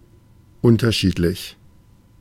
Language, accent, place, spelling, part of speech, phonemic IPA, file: German, Germany, Berlin, unterschiedlich, adjective / adverb, /ˈʊntɐˌʃiːtlɪç/, De-unterschiedlich.ogg
- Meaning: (adjective) different; differing, varying; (adverb) differently, in varying ways